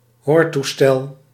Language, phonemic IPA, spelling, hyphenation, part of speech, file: Dutch, /ˈɦoːr.tuˌstɛl/, hoortoestel, hoor‧toe‧stel, noun, Nl-hoortoestel.ogg
- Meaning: hearing aid